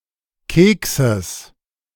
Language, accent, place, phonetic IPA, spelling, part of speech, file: German, Germany, Berlin, [ˈkeːksəs], Kekses, noun, De-Kekses.ogg
- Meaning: genitive singular of Keks